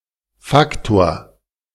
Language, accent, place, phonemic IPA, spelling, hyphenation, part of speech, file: German, Germany, Berlin, /ˈfaktoːɐ̯/, Faktor, Fak‧tor, noun, De-Faktor.ogg
- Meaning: 1. factor (integral part) 2. factor